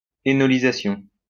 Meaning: enolization
- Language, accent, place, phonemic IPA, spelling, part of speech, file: French, France, Lyon, /e.nɔ.li.za.sjɔ̃/, énolisation, noun, LL-Q150 (fra)-énolisation.wav